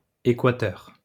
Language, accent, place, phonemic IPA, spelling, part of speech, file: French, France, Lyon, /e.kwa.tœʁ/, æquateur, noun, LL-Q150 (fra)-æquateur.wav
- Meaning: obsolete form of équateur